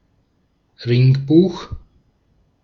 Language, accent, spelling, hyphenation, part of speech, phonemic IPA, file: German, Austria, Ringbuch, Ring‧buch, noun, /ˈʁɪŋˌbuːx/, De-at-Ringbuch.ogg
- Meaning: ring binder